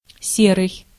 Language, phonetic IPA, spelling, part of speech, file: Russian, [ˈsʲerɨj], серый, adjective / noun, Ru-серый.ogg
- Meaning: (adjective) 1. grey, gray 2. ashen (of a face) 3. dull, dreary 4. unremarkable, mundane, mediocre 5. dim, ignorant, uneducated 6. not quite legal; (noun) 1. wolf 2. cop